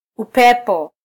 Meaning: wind (movement of air)
- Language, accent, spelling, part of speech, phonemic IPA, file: Swahili, Kenya, upepo, noun, /uˈpɛ.pɔ/, Sw-ke-upepo.flac